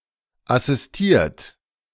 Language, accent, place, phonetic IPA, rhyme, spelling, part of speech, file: German, Germany, Berlin, [asɪsˈtiːɐ̯t], -iːɐ̯t, assistiert, verb, De-assistiert.ogg
- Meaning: 1. past participle of assistieren 2. inflection of assistieren: second-person plural present 3. inflection of assistieren: third-person singular present 4. inflection of assistieren: plural imperative